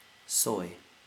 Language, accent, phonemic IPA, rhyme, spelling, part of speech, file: English, US, /sɔɪ/, -ɔɪ, soy, noun / adjective / verb, En-us-soy.ogg
- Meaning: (noun) 1. A common East Asian liquid sauce, made by subjecting boiled beans to long fermentation and then long digestion in salt and water 2. Soybeans, or the protein derived from them